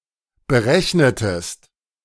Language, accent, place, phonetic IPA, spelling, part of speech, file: German, Germany, Berlin, [bəˈʁɛçnətəst], berechnetest, verb, De-berechnetest.ogg
- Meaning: inflection of berechnen: 1. second-person singular preterite 2. second-person singular subjunctive II